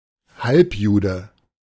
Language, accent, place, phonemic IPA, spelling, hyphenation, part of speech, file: German, Germany, Berlin, /ˈhalpˌjuːdə/, Halbjude, Halb‧ju‧de, noun, De-Halbjude.ogg
- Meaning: 1. half-Jew 2. someone with Jewish ancestry